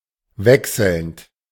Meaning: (verb) present participle of wechseln; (adjective) 1. alternating 2. shifting, changing
- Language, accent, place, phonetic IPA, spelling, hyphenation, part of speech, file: German, Germany, Berlin, [ˈvɛksl̩nt], wechselnd, wech‧selnd, verb / adjective, De-wechselnd.ogg